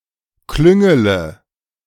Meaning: inflection of klüngeln: 1. first-person singular present 2. first-person plural subjunctive I 3. third-person singular subjunctive I 4. singular imperative
- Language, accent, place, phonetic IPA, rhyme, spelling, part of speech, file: German, Germany, Berlin, [ˈklʏŋələ], -ʏŋələ, klüngele, verb, De-klüngele.ogg